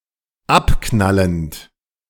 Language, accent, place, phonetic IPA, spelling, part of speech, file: German, Germany, Berlin, [ˈapˌknalənt], abknallend, verb, De-abknallend.ogg
- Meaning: present participle of abknallen